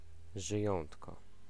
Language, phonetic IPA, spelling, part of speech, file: Polish, [ʒɨˈjɔ̃ntkɔ], żyjątko, noun, Pl-żyjątko.ogg